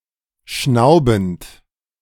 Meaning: present participle of schnauben
- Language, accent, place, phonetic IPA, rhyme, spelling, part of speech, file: German, Germany, Berlin, [ˈʃnaʊ̯bn̩t], -aʊ̯bn̩t, schnaubend, verb, De-schnaubend.ogg